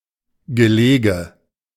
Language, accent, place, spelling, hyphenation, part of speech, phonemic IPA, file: German, Germany, Berlin, Gelege, Ge‧le‧ge, noun, /ɡəˈleːɡə/, De-Gelege.ogg
- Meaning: a sitting, a clutch or nest of eggs